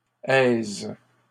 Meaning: plural of aise
- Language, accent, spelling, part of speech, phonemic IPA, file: French, Canada, aises, noun, /ɛz/, LL-Q150 (fra)-aises.wav